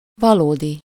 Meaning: real
- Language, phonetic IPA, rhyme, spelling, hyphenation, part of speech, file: Hungarian, [ˈvɒloːdi], -di, valódi, va‧ló‧di, adjective, Hu-valódi.ogg